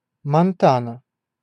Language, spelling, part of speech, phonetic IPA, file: Russian, Монтана, proper noun, [mɐnˈtanə], Ru-Монтана.ogg
- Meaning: Montana (a state in the Mountain West region of the United States, formerly a territory)